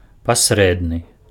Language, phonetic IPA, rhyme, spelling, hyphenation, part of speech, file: Belarusian, [pasˈrɛdnɨ], -ɛdnɨ, пасрэдны, пас‧рэд‧ны, adjective, Be-пасрэдны.ogg
- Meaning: mediocre (of low quality, not very good, average, ordinary, etc.)